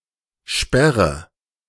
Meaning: inflection of sperren: 1. first-person singular present 2. first/third-person singular subjunctive I 3. singular imperative
- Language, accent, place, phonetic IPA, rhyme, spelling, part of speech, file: German, Germany, Berlin, [ˈʃpɛʁə], -ɛʁə, sperre, verb, De-sperre.ogg